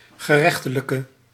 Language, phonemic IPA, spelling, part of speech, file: Dutch, /ɣəˈrɛxtələkə/, gerechtelijke, adjective, Nl-gerechtelijke.ogg
- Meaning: inflection of gerechtelijk: 1. masculine/feminine singular attributive 2. definite neuter singular attributive 3. plural attributive